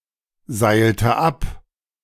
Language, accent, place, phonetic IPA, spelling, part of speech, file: German, Germany, Berlin, [ˌzaɪ̯ltə ˈap], seilte ab, verb, De-seilte ab.ogg
- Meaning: inflection of abseilen: 1. first/third-person singular preterite 2. first/third-person singular subjunctive II